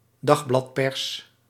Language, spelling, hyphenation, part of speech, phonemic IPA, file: Dutch, dagbladpers, dag‧blad‧pers, noun, /ˈdɑx.blɑtˌpɛrs/, Nl-dagbladpers.ogg
- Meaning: 1. the daily press; the section of the press sector that publishes daily newspapers 2. a printing press used for printing daily newspapers